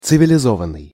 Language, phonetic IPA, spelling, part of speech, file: Russian, [t͡sɨvʲɪlʲɪˈzovən(ː)ɨj], цивилизованный, verb / adjective, Ru-цивилизованный.ogg
- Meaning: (verb) 1. past passive imperfective participle of цивилизова́ть (civilizovátʹ) 2. past passive perfective participle of цивилизова́ть (civilizovátʹ); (adjective) civilised